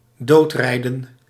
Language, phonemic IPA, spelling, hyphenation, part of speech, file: Dutch, /ˈdoːtˌrɛi̯.də(n)/, doodrijden, dood‧rij‧den, verb, Nl-doodrijden.ogg
- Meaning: to run over someone resulting in his or her death